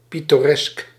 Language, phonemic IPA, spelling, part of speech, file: Dutch, /ˌpitoˈrɛsk/, pittoresk, adjective, Nl-pittoresk.ogg
- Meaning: picturesque